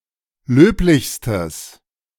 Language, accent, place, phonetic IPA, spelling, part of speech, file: German, Germany, Berlin, [ˈløːplɪçstəs], löblichstes, adjective, De-löblichstes.ogg
- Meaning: strong/mixed nominative/accusative neuter singular superlative degree of löblich